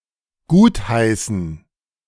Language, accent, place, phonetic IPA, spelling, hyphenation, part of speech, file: German, Germany, Berlin, [ˈɡuːtˌhaɪ̯sn̩], gutheißen, gut‧hei‧ßen, verb, De-gutheißen.ogg
- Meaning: to approve